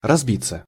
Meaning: 1. to break, to crash, to shatter 2. to break up, to split, to divide 3. to collapse, to die 4. to get seriously hurt 5. passive of разби́ть (razbítʹ)
- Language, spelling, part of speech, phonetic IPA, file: Russian, разбиться, verb, [rɐzˈbʲit͡sːə], Ru-разбиться.ogg